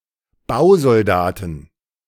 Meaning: plural of Bausoldat
- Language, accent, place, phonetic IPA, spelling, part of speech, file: German, Germany, Berlin, [ˈbaʊ̯zɔlˌdaːtn̩], Bausoldaten, noun, De-Bausoldaten.ogg